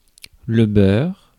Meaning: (noun) butter; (verb) inflection of beurrer: 1. first/third-person singular present indicative/subjunctive 2. second-person singular imperative
- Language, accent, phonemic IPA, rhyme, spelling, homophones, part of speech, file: French, France, /bœʁ/, -œʁ, beurre, beur / beurs / beurrent / beurres, noun / verb, Fr-beurre.ogg